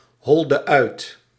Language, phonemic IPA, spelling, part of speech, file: Dutch, /i/, I, character, Nl-I.ogg
- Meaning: the ninth letter of the Dutch alphabet